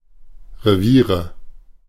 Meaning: nominative/accusative/genitive plural of Revier
- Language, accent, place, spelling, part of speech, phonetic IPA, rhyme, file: German, Germany, Berlin, Reviere, noun, [ʁeˈviːʁə], -iːʁə, De-Reviere.ogg